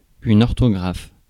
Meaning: orthography; spelling
- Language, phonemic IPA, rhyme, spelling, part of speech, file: French, /ɔʁ.to.ɡʁaf/, -af, orthographe, noun, Fr-orthographe.ogg